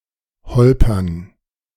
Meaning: to jolt, to bump, to rumble (to move roughly over uneven terrain; especially of vehicles)
- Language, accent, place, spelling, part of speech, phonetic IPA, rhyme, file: German, Germany, Berlin, holpern, verb, [ˈhɔlpɐn], -ɔlpɐn, De-holpern.ogg